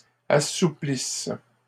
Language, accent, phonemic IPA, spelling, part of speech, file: French, Canada, /a.su.plis/, assouplisse, verb, LL-Q150 (fra)-assouplisse.wav
- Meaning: inflection of assouplir: 1. first/third-person singular present subjunctive 2. first-person singular imperfect subjunctive